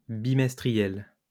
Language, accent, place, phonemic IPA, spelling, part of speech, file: French, France, Lyon, /bi.mɛs.tʁi.jɛl/, bimestriel, adjective, LL-Q150 (fra)-bimestriel.wav
- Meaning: bimonthly (once every two months); bimestrial